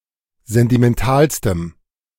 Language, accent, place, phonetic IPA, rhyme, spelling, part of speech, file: German, Germany, Berlin, [ˌzɛntimɛnˈtaːlstəm], -aːlstəm, sentimentalstem, adjective, De-sentimentalstem.ogg
- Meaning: strong dative masculine/neuter singular superlative degree of sentimental